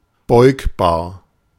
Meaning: inflectable (of a word, capable of being inflected)
- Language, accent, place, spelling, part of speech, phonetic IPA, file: German, Germany, Berlin, beugbar, adjective, [ˈbɔɪ̯kbaːɐ̯], De-beugbar.ogg